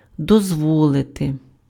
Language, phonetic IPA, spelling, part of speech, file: Ukrainian, [dɔzˈwɔɫete], дозволити, verb, Uk-дозволити.ogg
- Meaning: to allow, to permit, to let